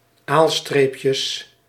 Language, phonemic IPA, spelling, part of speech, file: Dutch, /ˈalstrepjəs/, aalstreepjes, noun, Nl-aalstreepjes.ogg
- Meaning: plural of aalstreepje